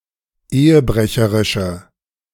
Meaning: inflection of ehebrecherisch: 1. strong/mixed nominative/accusative feminine singular 2. strong nominative/accusative plural 3. weak nominative all-gender singular
- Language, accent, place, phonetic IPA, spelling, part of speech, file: German, Germany, Berlin, [ˈeːəˌbʁɛçəʁɪʃə], ehebrecherische, adjective, De-ehebrecherische.ogg